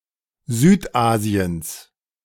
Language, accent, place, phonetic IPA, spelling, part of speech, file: German, Germany, Berlin, [ˈzyːtˌʔaːzi̯əns], Südasiens, noun, De-Südasiens.ogg
- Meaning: genitive singular of Südasien